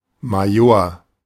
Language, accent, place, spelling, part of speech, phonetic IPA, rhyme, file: German, Germany, Berlin, Major, noun, [maˈjoːɐ̯], -oːɐ̯, De-Major.ogg
- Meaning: major